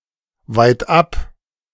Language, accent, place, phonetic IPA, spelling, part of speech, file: German, Germany, Berlin, [vaɪ̯tˈʔap], weitab, adverb / preposition, De-weitab.ogg
- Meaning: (adverb) far away; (preposition) far away from